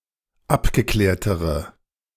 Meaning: inflection of abgeklärt: 1. strong/mixed nominative/accusative feminine singular comparative degree 2. strong nominative/accusative plural comparative degree
- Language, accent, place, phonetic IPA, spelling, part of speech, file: German, Germany, Berlin, [ˈapɡəˌklɛːɐ̯təʁə], abgeklärtere, adjective, De-abgeklärtere.ogg